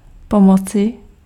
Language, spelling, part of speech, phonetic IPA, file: Czech, pomoci, noun / verb, [ˈpomot͡sɪ], Cs-pomoci.ogg
- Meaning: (noun) inflection of pomoc: 1. genitive/dative/vocative/locative singular 2. nominative/accusative/vocative plural; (verb) alternative form of pomoct